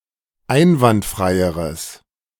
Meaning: strong/mixed nominative/accusative neuter singular comparative degree of einwandfrei
- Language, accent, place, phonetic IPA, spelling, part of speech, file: German, Germany, Berlin, [ˈaɪ̯nvantˌfʁaɪ̯əʁəs], einwandfreieres, adjective, De-einwandfreieres.ogg